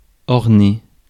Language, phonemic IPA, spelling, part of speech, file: French, /ɔʁ.ne/, orner, verb, Fr-orner.ogg
- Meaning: to decorate, to adorn